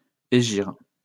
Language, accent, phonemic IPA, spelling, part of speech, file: French, France, /e.ʒiʁ/, hégire, noun, LL-Q150 (fra)-hégire.wav
- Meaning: Hijra